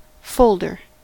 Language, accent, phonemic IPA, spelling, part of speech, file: English, US, /ˈfoʊldɚ/, folder, noun, En-us-folder.ogg
- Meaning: An organizer that papers are kept in, usually with an index tab, to be stored as a single unit in a filing cabinet